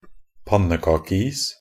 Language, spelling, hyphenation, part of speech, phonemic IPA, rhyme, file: Norwegian Bokmål, pannekakeis, pan‧ne‧ka‧ke‧is, noun, /ˈpanːəkɑːkəiːs/, -iːs, Nb-pannekakeis.ogg
- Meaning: pancake ice (a form of ice that forms on water covered to some degree in slush)